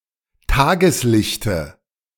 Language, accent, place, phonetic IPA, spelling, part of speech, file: German, Germany, Berlin, [ˈtaːɡəsˌlɪçtə], Tageslichte, noun, De-Tageslichte.ogg
- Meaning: dative of Tageslicht